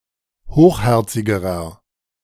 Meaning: inflection of hochherzig: 1. strong/mixed nominative masculine singular comparative degree 2. strong genitive/dative feminine singular comparative degree 3. strong genitive plural comparative degree
- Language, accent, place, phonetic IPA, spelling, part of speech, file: German, Germany, Berlin, [ˈhoːxˌhɛʁt͡sɪɡəʁɐ], hochherzigerer, adjective, De-hochherzigerer.ogg